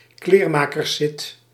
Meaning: sitting position in which the legs are crossed, with the feet placed under the thighs of the opposite legs; somewhat similar to the lotus position
- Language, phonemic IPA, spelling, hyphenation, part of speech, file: Dutch, /ˈkleːr.maː.kərˌsɪt/, kleermakerszit, kleer‧ma‧kers‧zit, noun, Nl-kleermakerszit.ogg